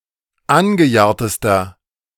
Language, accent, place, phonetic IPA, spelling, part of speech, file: German, Germany, Berlin, [ˈanɡəˌjaːɐ̯təstɐ], angejahrtester, adjective, De-angejahrtester.ogg
- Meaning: inflection of angejahrt: 1. strong/mixed nominative masculine singular superlative degree 2. strong genitive/dative feminine singular superlative degree 3. strong genitive plural superlative degree